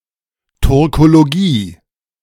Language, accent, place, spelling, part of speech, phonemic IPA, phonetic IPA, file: German, Germany, Berlin, Turkologie, noun, /tuʁkoloˈɡiː/, [tʰuʁkʰoloˈɡiː], De-Turkologie.ogg
- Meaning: Turkology